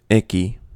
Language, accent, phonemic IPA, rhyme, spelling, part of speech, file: English, US, /ˈɪki/, -ɪki, icky, adjective, En-us-icky.ogg
- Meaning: 1. Unpleasantly sticky; yucky; disgusting 2. Excessively sentimental 3. Unwell or upset; in a bad state of mind or health